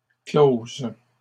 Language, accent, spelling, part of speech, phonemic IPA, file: French, Canada, closes, verb, /kloz/, LL-Q150 (fra)-closes.wav
- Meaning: 1. second-person singular present subjunctive of clore 2. feminine plural of clos